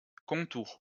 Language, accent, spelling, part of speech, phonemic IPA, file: French, France, contour, noun, /kɔ̃.tuʁ/, LL-Q150 (fra)-contour.wav
- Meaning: contour